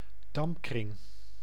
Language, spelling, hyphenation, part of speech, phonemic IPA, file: Dutch, dampkring, damp‧kring, noun, /ˈdɑmp.krɪŋ/, Nl-dampkring.ogg
- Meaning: atmosphere of a planet or satellite